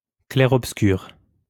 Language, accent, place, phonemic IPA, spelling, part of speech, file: French, France, Lyon, /klɛ.ʁɔp.skyʁ/, clair-obscur, noun, LL-Q150 (fra)-clair-obscur.wav
- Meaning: chiaroscuro